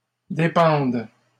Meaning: first/third-person singular present subjunctive of dépendre
- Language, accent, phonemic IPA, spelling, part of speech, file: French, Canada, /de.pɑ̃d/, dépende, verb, LL-Q150 (fra)-dépende.wav